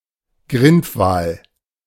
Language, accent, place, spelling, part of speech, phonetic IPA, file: German, Germany, Berlin, Grindwal, noun, [ˈɡʁɪntvaːl], De-Grindwal.ogg
- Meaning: pilot whale, Globicephala melas